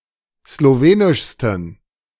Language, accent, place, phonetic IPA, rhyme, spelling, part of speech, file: German, Germany, Berlin, [sloˈveːnɪʃstn̩], -eːnɪʃstn̩, slowenischsten, adjective, De-slowenischsten.ogg
- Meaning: 1. superlative degree of slowenisch 2. inflection of slowenisch: strong genitive masculine/neuter singular superlative degree